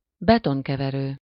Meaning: concrete mixer, cement mixer
- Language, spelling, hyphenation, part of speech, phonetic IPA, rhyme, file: Hungarian, betonkeverő, be‧ton‧ke‧ve‧rő, noun, [ˈbɛtoŋkɛvɛrøː], -røː, Hu-betonkeverő.ogg